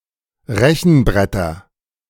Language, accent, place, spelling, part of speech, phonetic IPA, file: German, Germany, Berlin, Rechenbretter, noun, [ˈʁɛçn̩ˌbʁɛtɐ], De-Rechenbretter.ogg
- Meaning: nominative/accusative/genitive plural of Rechenbrett